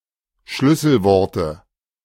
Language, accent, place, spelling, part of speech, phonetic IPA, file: German, Germany, Berlin, Schlüsselworte, noun, [ˈʃlʏsl̩ˌvɔʁtə], De-Schlüsselworte.ogg
- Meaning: nominative/accusative/genitive plural of Schlüsselwort